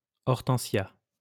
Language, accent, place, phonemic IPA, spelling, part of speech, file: French, France, Lyon, /ɔʁ.tɑ̃.sja/, hortensia, noun, LL-Q150 (fra)-hortensia.wav
- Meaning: hydrangea